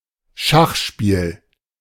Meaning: 1. chess 2. chess set
- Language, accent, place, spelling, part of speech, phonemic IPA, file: German, Germany, Berlin, Schachspiel, noun, /ˈʃaxˌʃpiːl/, De-Schachspiel.ogg